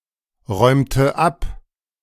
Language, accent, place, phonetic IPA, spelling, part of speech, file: German, Germany, Berlin, [ˌʁɔɪ̯mtə ˈap], räumte ab, verb, De-räumte ab.ogg
- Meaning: inflection of abräumen: 1. first/third-person singular preterite 2. first/third-person singular subjunctive II